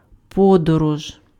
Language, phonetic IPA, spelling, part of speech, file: Ukrainian, [ˈpɔdɔrɔʒ], подорож, noun, Uk-подорож.ogg
- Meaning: journey, travel